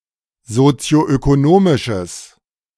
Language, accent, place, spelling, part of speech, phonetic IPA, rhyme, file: German, Germany, Berlin, sozioökonomisches, adjective, [zot͡si̯oʔøkoˈnoːmɪʃəs], -oːmɪʃəs, De-sozioökonomisches.ogg
- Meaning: strong/mixed nominative/accusative neuter singular of sozioökonomisch